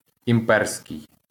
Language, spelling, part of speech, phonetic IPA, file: Ukrainian, імперський, adjective, [imˈpɛrsʲkei̯], LL-Q8798 (ukr)-імперський.wav
- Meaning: imperial